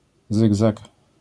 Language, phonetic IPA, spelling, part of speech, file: Polish, [ˈzɨɡzak], zygzak, noun, LL-Q809 (pol)-zygzak.wav